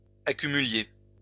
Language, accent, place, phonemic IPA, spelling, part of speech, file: French, France, Lyon, /a.ky.my.lje/, accumuliez, verb, LL-Q150 (fra)-accumuliez.wav
- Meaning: inflection of accumuler: 1. second-person plural imperfect indicative 2. second-person plural present subjunctive